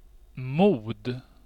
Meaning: 1. courage 2. (often positive) state of mind
- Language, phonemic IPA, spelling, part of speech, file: Swedish, /muːd/, mod, noun, Sv-mod.ogg